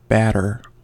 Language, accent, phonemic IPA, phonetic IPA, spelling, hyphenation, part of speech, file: English, US, /ˈbætɚ/, [ˈbæɾɚ], batter, bat‧ter, verb / noun, En-us-batter.ogg
- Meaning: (verb) 1. To hit or strike violently and repeatedly 2. To coat with batter (the food ingredient) 3. To defeat soundly; to thrash 4. To intoxicate